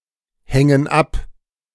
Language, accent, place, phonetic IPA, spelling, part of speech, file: German, Germany, Berlin, [ˌhɛŋən ˈap], hängen ab, verb, De-hängen ab.ogg
- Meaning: inflection of abhängen: 1. first/third-person plural present 2. first/third-person plural subjunctive I